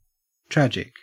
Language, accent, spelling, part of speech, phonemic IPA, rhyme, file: English, Australia, tragic, adjective / noun, /ˈtɹæd͡ʒɪk/, -ædʒɪk, En-au-tragic.ogg
- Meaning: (adjective) 1. Causing great sadness or suffering 2. Relating to tragedy in a literary work 3. Having been the victim of a tragedy